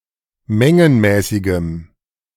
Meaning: strong dative masculine/neuter singular of mengenmäßig
- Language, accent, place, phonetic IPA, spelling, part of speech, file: German, Germany, Berlin, [ˈmɛŋənmɛːsɪɡəm], mengenmäßigem, adjective, De-mengenmäßigem.ogg